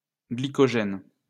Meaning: glycogen
- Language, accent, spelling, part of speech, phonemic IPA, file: French, France, glycogène, noun, /ɡli.kɔ.ʒɛn/, LL-Q150 (fra)-glycogène.wav